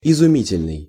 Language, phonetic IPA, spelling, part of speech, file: Russian, [ɪzʊˈmʲitʲɪlʲnɨj], изумительный, adjective, Ru-изумительный.ogg
- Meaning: amazing, stupendous, wonderful